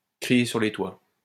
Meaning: to shout from the rooftops
- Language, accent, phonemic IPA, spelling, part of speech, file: French, France, /kʁi.je syʁ le twa/, crier sur les toits, verb, LL-Q150 (fra)-crier sur les toits.wav